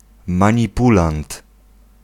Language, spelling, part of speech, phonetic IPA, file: Polish, manipulant, noun, [ˌmãɲiˈpulãnt], Pl-manipulant.ogg